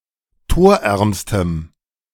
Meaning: strong dative masculine/neuter singular superlative degree of torarm
- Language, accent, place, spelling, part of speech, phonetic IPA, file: German, Germany, Berlin, torärmstem, adjective, [ˈtoːɐ̯ˌʔɛʁmstəm], De-torärmstem.ogg